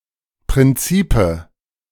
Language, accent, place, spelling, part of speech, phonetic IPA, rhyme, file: German, Germany, Berlin, Prinzipe, noun, [pʁɪnˈt͡siːpə], -iːpə, De-Prinzipe.ogg
- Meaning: nominative/accusative/genitive plural of Prinzip